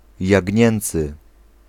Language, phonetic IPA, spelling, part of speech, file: Polish, [jäɟˈɲɛ̃nt͡sɨ], jagnięcy, adjective, Pl-jagnięcy.ogg